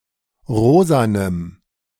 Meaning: strong dative masculine/neuter singular of rosa
- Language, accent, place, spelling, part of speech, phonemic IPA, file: German, Germany, Berlin, rosanem, adjective, /ˈʁoːzanəm/, De-rosanem.ogg